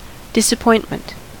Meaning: The feeling or state of being disappointed: a feeling of sadness or frustration when something is not as good as one hoped or expected, or when something bad unexpectedly happens
- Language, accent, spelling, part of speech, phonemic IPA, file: English, General American, disappointment, noun, /ˌdɪsəˈpɔɪntmənt/, En-us-disappointment.ogg